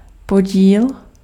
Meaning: 1. quotient 2. share
- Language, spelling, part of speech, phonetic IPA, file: Czech, podíl, noun, [ˈpoɟiːl], Cs-podíl.ogg